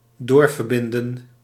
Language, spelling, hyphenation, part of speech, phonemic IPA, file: Dutch, doorverbinden, door‧ver‧bin‧den, verb, /ˈdoːr.vərˌbɪn.də(n)/, Nl-doorverbinden.ogg
- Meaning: to put through (to connect a telephone caller with intended callee)